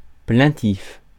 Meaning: plaintive, doleful
- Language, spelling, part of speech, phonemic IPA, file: French, plaintif, adjective, /plɛ̃.tif/, Fr-plaintif.ogg